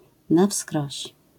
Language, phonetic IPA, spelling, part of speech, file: Polish, [na‿ˈfskrɔɕ], na wskroś, adverbial phrase, LL-Q809 (pol)-na wskroś.wav